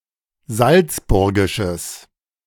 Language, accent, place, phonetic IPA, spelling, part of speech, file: German, Germany, Berlin, [ˈzalt͡sˌbʊʁɡɪʃəs], salzburgisches, adjective, De-salzburgisches.ogg
- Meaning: strong/mixed nominative/accusative neuter singular of salzburgisch